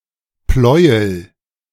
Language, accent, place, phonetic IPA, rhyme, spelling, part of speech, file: German, Germany, Berlin, [ˈplɔɪ̯əl], -ɔɪ̯əl, Pleuel, noun, De-Pleuel.ogg
- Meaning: connecting rod, conrod